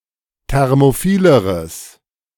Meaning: strong/mixed nominative/accusative neuter singular comparative degree of thermophil
- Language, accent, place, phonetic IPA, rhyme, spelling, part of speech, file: German, Germany, Berlin, [ˌtɛʁmoˈfiːləʁəs], -iːləʁəs, thermophileres, adjective, De-thermophileres.ogg